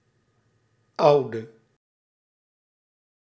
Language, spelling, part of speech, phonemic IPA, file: Dutch, oude, adjective, /ˈɑu̯.də/, Nl-oude.ogg
- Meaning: inflection of oud: 1. masculine/feminine singular attributive 2. definite neuter singular attributive 3. plural attributive